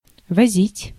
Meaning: to convey, to carry (by vehicle), to deliver, to transport
- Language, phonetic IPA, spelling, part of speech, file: Russian, [vɐˈzʲitʲ], возить, verb, Ru-возить.ogg